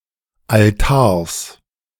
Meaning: genitive singular of Altar
- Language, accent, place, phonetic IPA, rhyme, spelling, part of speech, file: German, Germany, Berlin, [alˈtaːɐ̯s], -aːɐ̯s, Altars, noun, De-Altars.ogg